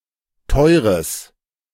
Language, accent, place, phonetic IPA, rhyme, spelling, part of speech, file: German, Germany, Berlin, [ˈtɔɪ̯ʁəs], -ɔɪ̯ʁəs, teures, adjective, De-teures.ogg
- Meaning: strong/mixed nominative/accusative neuter singular of teuer